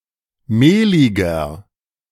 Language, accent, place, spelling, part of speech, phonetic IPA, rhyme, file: German, Germany, Berlin, mehliger, adjective, [ˈmeːlɪɡɐ], -eːlɪɡɐ, De-mehliger.ogg
- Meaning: 1. comparative degree of mehlig 2. inflection of mehlig: strong/mixed nominative masculine singular 3. inflection of mehlig: strong genitive/dative feminine singular